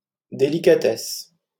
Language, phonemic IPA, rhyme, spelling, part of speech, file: French, /de.li.ka.tɛs/, -ɛs, délicatesse, noun, LL-Q150 (fra)-délicatesse.wav
- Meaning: delicacy; delicateness